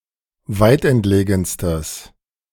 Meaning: strong/mixed nominative/accusative neuter singular superlative degree of weitentlegen
- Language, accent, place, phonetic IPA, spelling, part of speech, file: German, Germany, Berlin, [ˈvaɪ̯tʔɛntˌleːɡn̩stəs], weitentlegenstes, adjective, De-weitentlegenstes.ogg